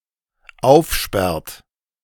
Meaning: inflection of aufsperren: 1. third-person singular dependent present 2. second-person plural dependent present
- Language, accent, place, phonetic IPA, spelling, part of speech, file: German, Germany, Berlin, [ˈaʊ̯fˌʃpɛʁt], aufsperrt, verb, De-aufsperrt.ogg